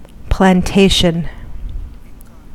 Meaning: A large farm; estate or area of land designated for agricultural growth. Often includes housing for the owner and workers
- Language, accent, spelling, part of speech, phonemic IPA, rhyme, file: English, US, plantation, noun, /plænˈteɪʃən/, -eɪʃən, En-us-plantation.ogg